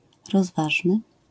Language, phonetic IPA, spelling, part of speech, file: Polish, [rɔzˈvaʒnɨ], rozważny, adjective, LL-Q809 (pol)-rozważny.wav